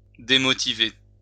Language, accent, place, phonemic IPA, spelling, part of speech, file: French, France, Lyon, /de.mɔ.ti.ve/, démotiver, verb, LL-Q150 (fra)-démotiver.wav
- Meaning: to demotivate